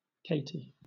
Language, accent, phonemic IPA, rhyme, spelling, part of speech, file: English, Southern England, /ˈkeɪti/, -eɪti, Katie, proper noun, LL-Q1860 (eng)-Katie.wav
- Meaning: 1. A diminutive of the female given name Catherine or any of its variant spellings 2. Alternative spelling of Katy (“the Missouri–Kansas–Texas (MKT) Railroad”)